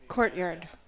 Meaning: An area, open to the sky, partially or wholly surrounded by walls or buildings
- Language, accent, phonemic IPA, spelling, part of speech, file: English, US, /ˈkɔɹt.jɑɹd/, courtyard, noun, En-us-courtyard.ogg